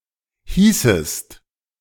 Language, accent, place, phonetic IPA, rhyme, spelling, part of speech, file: German, Germany, Berlin, [ˈhiːsəst], -iːsəst, hießest, verb, De-hießest.ogg
- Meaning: second-person singular subjunctive II of heißen